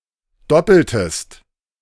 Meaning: inflection of doppeln: 1. second-person singular preterite 2. second-person singular subjunctive II
- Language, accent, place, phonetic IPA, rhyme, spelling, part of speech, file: German, Germany, Berlin, [ˈdɔpl̩təst], -ɔpl̩təst, doppeltest, verb, De-doppeltest.ogg